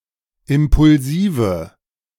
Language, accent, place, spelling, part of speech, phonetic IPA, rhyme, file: German, Germany, Berlin, impulsive, adjective, [ˌɪmpʊlˈziːvə], -iːvə, De-impulsive.ogg
- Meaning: inflection of impulsiv: 1. strong/mixed nominative/accusative feminine singular 2. strong nominative/accusative plural 3. weak nominative all-gender singular